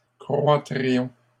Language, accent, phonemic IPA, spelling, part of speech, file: French, Canada, /kʁwa.tʁi.jɔ̃/, croîtrions, verb, LL-Q150 (fra)-croîtrions.wav
- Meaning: first-person plural conditional of croître